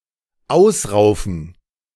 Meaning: to pluck out
- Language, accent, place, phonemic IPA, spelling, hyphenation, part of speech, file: German, Germany, Berlin, /ˈaʊ̯sˌʁaʊ̯fn̩/, ausraufen, aus‧rau‧fen, verb, De-ausraufen.ogg